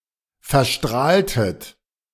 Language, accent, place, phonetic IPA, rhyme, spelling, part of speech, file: German, Germany, Berlin, [fɛɐ̯ˈʃtʁaːltət], -aːltət, verstrahltet, verb, De-verstrahltet.ogg
- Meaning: inflection of verstrahlen: 1. second-person plural preterite 2. second-person plural subjunctive II